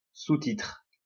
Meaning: subtitle (a heading below or after a title)
- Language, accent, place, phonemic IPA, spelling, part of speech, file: French, France, Lyon, /su.titʁ/, sous-titre, noun, LL-Q150 (fra)-sous-titre.wav